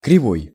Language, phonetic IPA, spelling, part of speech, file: Russian, [krʲɪˈvoj], кривой, adjective / noun, Ru-кривой.ogg
- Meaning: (adjective) 1. crooked, curved, wry, bent 2. wrong, false, unfair 3. one-eyed; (noun) genitive/dative/instrumental/prepositional singular of крива́я (krivája)